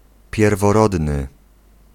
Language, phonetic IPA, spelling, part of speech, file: Polish, [ˌpʲjɛrvɔˈrɔdnɨ], pierworodny, adjective / noun, Pl-pierworodny.ogg